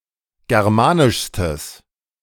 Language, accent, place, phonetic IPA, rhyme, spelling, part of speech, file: German, Germany, Berlin, [ˌɡɛʁˈmaːnɪʃstəs], -aːnɪʃstəs, germanischstes, adjective, De-germanischstes.ogg
- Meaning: strong/mixed nominative/accusative neuter singular superlative degree of germanisch